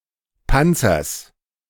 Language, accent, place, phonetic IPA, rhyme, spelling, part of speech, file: German, Germany, Berlin, [ˈpant͡sɐs], -ant͡sɐs, Panzers, noun, De-Panzers.ogg
- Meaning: genitive singular of Panzer